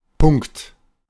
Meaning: 1. dot (marking an abbreviation) 2. full stop, period (indicating end of sentence) 3. point 4. spot 5. item (on a list) 6. sharp; exactly
- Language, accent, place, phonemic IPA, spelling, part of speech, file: German, Germany, Berlin, /pʊŋ(k)t/, Punkt, noun, De-Punkt.ogg